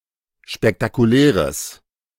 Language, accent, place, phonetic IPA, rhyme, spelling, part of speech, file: German, Germany, Berlin, [ʃpɛktakuˈlɛːʁəs], -ɛːʁəs, spektakuläres, adjective, De-spektakuläres.ogg
- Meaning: strong/mixed nominative/accusative neuter singular of spektakulär